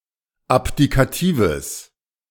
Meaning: strong/mixed nominative/accusative neuter singular of abdikativ
- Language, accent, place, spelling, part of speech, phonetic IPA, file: German, Germany, Berlin, abdikatives, adjective, [ˈapdikaˌtiːvəs], De-abdikatives.ogg